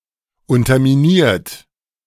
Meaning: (verb) past participle of unterminieren; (adjective) undermined
- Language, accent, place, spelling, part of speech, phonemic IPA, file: German, Germany, Berlin, unterminiert, verb / adjective, /ˌʊntɐmiˈniːɐ̯t/, De-unterminiert.ogg